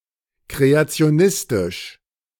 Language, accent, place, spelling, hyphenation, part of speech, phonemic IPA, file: German, Germany, Berlin, kreationistisch, kre‧a‧ti‧o‧nis‧tisch, adjective, /ˌkʁeat͡si̯oˈnɪstɪʃ/, De-kreationistisch.ogg
- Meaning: creationist (of or relating to creationism)